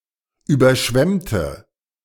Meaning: inflection of überschwemmen: 1. first/third-person singular preterite 2. first/third-person singular subjunctive II
- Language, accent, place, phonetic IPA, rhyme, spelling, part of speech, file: German, Germany, Berlin, [ˌyːbɐˈʃvɛmtə], -ɛmtə, überschwemmte, adjective / verb, De-überschwemmte.ogg